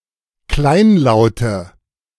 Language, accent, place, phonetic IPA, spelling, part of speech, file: German, Germany, Berlin, [ˈklaɪ̯nˌlaʊ̯tə], kleinlaute, adjective, De-kleinlaute.ogg
- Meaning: inflection of kleinlaut: 1. strong/mixed nominative/accusative feminine singular 2. strong nominative/accusative plural 3. weak nominative all-gender singular